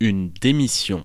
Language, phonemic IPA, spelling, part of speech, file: French, /de.mi.sjɔ̃/, démission, noun, Fr-démission.ogg
- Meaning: 1. resignation 2. abdication (of responsibilities, etc.)